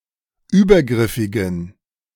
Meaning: inflection of übergriffig: 1. strong genitive masculine/neuter singular 2. weak/mixed genitive/dative all-gender singular 3. strong/weak/mixed accusative masculine singular 4. strong dative plural
- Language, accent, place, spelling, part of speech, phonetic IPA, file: German, Germany, Berlin, übergriffigen, adjective, [ˈyːbɐˌɡʁɪfɪɡn̩], De-übergriffigen.ogg